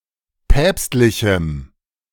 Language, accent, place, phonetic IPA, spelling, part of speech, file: German, Germany, Berlin, [ˈpɛːpstlɪçm̩], päpstlichem, adjective, De-päpstlichem.ogg
- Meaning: strong dative masculine/neuter singular of päpstlich